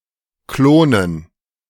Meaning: dative plural of Klon
- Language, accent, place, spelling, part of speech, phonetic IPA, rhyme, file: German, Germany, Berlin, Klonen, noun, [ˈkloːnən], -oːnən, De-Klonen.ogg